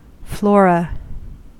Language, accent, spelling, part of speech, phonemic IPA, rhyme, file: English, US, flora, noun, /ˈflɔː.ɹə/, -ɔːɹə, En-us-flora.ogg
- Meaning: 1. Plants considered as a group, especially those of a particular country, region, time, etc 2. A book describing the plants of a country, region, time, etc